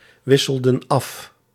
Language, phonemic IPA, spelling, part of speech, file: Dutch, /ˈwɪsəldə(n) ˈɑf/, wisselden af, verb, Nl-wisselden af.ogg
- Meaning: inflection of afwisselen: 1. plural past indicative 2. plural past subjunctive